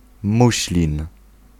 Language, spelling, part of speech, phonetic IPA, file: Polish, muślin, noun, [ˈmuɕlʲĩn], Pl-muślin.ogg